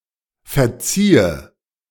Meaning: 1. first/third-person singular subjunctive II of verzeihen 2. inflection of verziehen: first-person singular present 3. inflection of verziehen: imperative singular
- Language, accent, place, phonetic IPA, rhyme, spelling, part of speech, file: German, Germany, Berlin, [fɛɐ̯ˈt͡siːə], -iːə, verziehe, verb, De-verziehe.ogg